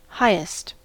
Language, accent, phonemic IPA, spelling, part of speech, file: English, US, /ˈhaɪ.ɪst/, highest, adjective / adverb, En-us-highest.ogg
- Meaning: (adjective) superlative form of high: most high